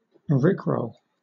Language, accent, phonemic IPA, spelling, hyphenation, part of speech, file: English, Southern England, /ˈɹɪkɹəʊl/, rickroll, rick‧roll, verb / noun, LL-Q1860 (eng)-rickroll.wav
- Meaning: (verb) To mislead (someone) into following a seemingly innocuous hyperlink, or sometimes a QR code, that leads to a YouTube video of Rick Astley's song "Never Gonna Give You Up"